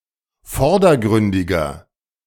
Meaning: inflection of vordergründig: 1. strong/mixed nominative masculine singular 2. strong genitive/dative feminine singular 3. strong genitive plural
- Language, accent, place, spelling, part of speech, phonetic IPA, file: German, Germany, Berlin, vordergründiger, adjective, [ˈfɔʁdɐˌɡʁʏndɪɡɐ], De-vordergründiger.ogg